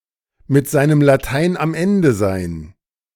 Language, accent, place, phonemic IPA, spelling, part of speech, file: German, Germany, Berlin, /mɪt ˈzaɪ̯nəm laˈtaɪ̯n am ˈɛndə zaɪ̯n/, mit seinem Latein am Ende sein, verb, De-mit seinem Latein am Ende sein.ogg
- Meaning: to be at one's wits' end